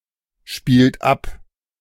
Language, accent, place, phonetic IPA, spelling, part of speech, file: German, Germany, Berlin, [ˌʃpiːlt ˈap], spielt ab, verb, De-spielt ab.ogg
- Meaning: inflection of abspielen: 1. second-person plural present 2. third-person singular present 3. plural imperative